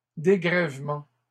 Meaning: plural of dégrèvement
- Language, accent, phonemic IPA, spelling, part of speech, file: French, Canada, /de.ɡʁɛv.mɑ̃/, dégrèvements, noun, LL-Q150 (fra)-dégrèvements.wav